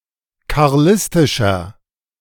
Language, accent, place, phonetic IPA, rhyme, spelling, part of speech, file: German, Germany, Berlin, [kaʁˈlɪstɪʃɐ], -ɪstɪʃɐ, karlistischer, adjective, De-karlistischer.ogg
- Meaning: inflection of karlistisch: 1. strong/mixed nominative masculine singular 2. strong genitive/dative feminine singular 3. strong genitive plural